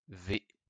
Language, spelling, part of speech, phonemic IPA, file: French, v, character, /ve/, LL-Q150 (fra)-v.wav
- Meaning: the twenty-second letter of the basic modern Latin alphabet